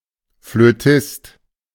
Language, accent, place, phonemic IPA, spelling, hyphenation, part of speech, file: German, Germany, Berlin, /fløˈtɪst/, Flötist, Flö‧tist, noun, De-Flötist.ogg
- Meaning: flautist, one who plays the flute